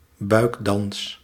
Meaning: belly dance
- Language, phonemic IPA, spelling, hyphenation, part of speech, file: Dutch, /ˈbœy̯k.dɑns/, buikdans, buik‧dans, noun, Nl-buikdans.ogg